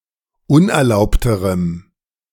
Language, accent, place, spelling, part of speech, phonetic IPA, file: German, Germany, Berlin, unerlaubterem, adjective, [ˈʊnʔɛɐ̯ˌlaʊ̯ptəʁəm], De-unerlaubterem.ogg
- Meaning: strong dative masculine/neuter singular comparative degree of unerlaubt